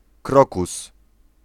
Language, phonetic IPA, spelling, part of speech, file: Polish, [ˈkrɔkus], krokus, noun, Pl-krokus.ogg